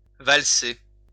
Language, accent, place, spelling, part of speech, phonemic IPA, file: French, France, Lyon, valser, verb, /val.se/, LL-Q150 (fra)-valser.wav
- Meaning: 1. to waltz 2. to be moved quickly and violently